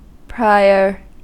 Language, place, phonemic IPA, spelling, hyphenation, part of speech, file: English, California, /ˈpɹaɪ.(ə)ɹ/, prior, pri‧or, adjective / adverb / noun, En-us-prior.ogg
- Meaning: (adjective) 1. Coming before in order or time; earlier, former, previous 2. More important or significant